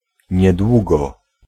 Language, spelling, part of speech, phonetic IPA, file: Polish, niedługo, adverb, [ɲɛˈdwuɡɔ], Pl-niedługo.ogg